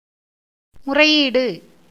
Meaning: complaint, petition, appeal, prayer
- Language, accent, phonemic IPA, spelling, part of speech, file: Tamil, India, /mʊrɐɪ̯jiːɖɯ/, முறையீடு, noun, Ta-முறையீடு.ogg